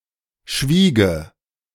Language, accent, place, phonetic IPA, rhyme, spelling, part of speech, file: German, Germany, Berlin, [ˈʃviːɡə], -iːɡə, schwiege, verb, De-schwiege.ogg
- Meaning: first/third-person singular subjunctive II of schweigen